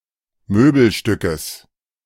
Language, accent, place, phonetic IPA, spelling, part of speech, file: German, Germany, Berlin, [ˈmøːbl̩ˌʃtʏkəs], Möbelstückes, noun, De-Möbelstückes.ogg
- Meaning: genitive of Möbelstück